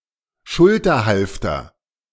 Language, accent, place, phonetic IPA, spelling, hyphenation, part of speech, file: German, Germany, Berlin, [ˈʃʊltɐˌhalftɐ], Schulterhalfter, Schul‧ter‧half‧ter, noun, De-Schulterhalfter.ogg
- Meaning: shoulder holster